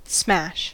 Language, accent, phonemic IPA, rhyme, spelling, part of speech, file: English, US, /smæʃ/, -æʃ, smash, noun / verb, En-us-smash.ogg
- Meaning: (noun) 1. The sound of a violent impact; a violent striking together 2. A traffic collision 3. Something very successful or popular (as music, food, fashion, etc)